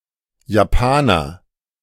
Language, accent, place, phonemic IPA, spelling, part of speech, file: German, Germany, Berlin, /jaˈpaːnɐ/, Japaner, noun, De-Japaner.ogg
- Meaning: 1. Japanese (person) 2. Japanese car